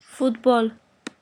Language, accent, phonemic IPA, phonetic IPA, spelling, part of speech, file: Armenian, Eastern Armenian, /futˈbol/, [futból], ֆուտբոլ, noun, Futbol.ogg
- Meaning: association football